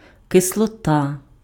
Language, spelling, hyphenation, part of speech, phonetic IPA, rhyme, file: Ukrainian, кислота, ки‧сло‧та, noun, [kesɫɔˈta], -a, Uk-кислота.ogg
- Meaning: acid